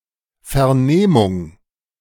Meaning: 1. interrogation, questioning 2. examination (of a witness etc) 3. comprehension, perception
- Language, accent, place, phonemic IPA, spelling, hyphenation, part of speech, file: German, Germany, Berlin, /fɛʁˈneːmʊŋ/, Vernehmung, Ver‧neh‧mung, noun, De-Vernehmung.ogg